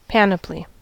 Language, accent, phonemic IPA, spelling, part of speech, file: English, US, /ˈpænəpli/, panoply, noun / verb, En-us-panoply.ogg
- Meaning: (noun) 1. A splendid display of something 2. A collection or display of weaponry 3. Ceremonial garments, complete with all accessories 4. A complete set of armour 5. Something that covers and protects